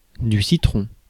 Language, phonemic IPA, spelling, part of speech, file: French, /si.tʁɔ̃/, citron, noun, Fr-citron.ogg
- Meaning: 1. lemon 2. lime (citrus) 3. brimstone (butterfly) 4. noggin (head) 5. lemon (defective item) 6. East Asian